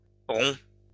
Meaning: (adjective) masculine plural of rond; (noun) plural of rond
- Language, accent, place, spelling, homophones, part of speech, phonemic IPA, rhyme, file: French, France, Lyon, ronds, romps / rompt / rond, adjective / noun, /ʁɔ̃/, -ɔ̃, LL-Q150 (fra)-ronds.wav